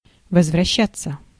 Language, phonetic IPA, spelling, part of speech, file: Russian, [vəzvrɐˈɕːat͡sːə], возвращаться, verb, Ru-возвращаться.ogg
- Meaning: to return, to come back